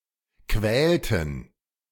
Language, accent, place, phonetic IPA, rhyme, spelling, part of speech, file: German, Germany, Berlin, [ˈkvɛːltn̩], -ɛːltn̩, quälten, verb, De-quälten.ogg
- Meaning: inflection of quälen: 1. first/third-person plural preterite 2. first/third-person plural subjunctive II